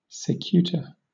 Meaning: Hemlock
- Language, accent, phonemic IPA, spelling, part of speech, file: English, Southern England, /sɪˈkjuːtə/, cicuta, noun, LL-Q1860 (eng)-cicuta.wav